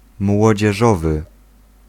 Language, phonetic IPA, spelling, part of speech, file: Polish, [ˌmwɔd͡ʑɛˈʒɔvɨ], młodzieżowy, adjective, Pl-młodzieżowy.ogg